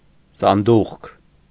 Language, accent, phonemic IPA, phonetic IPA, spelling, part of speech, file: Armenian, Eastern Armenian, /sɑnˈduχkʰ/, [sɑndúχkʰ], սանդուղք, noun, Hy-սանդուղք.ogg
- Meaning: 1. stairs 2. ladder